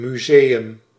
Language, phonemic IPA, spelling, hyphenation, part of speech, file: Dutch, /ˌmyˈzeː.ʏm/, museum, mu‧se‧um, noun, Nl-museum.ogg
- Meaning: museum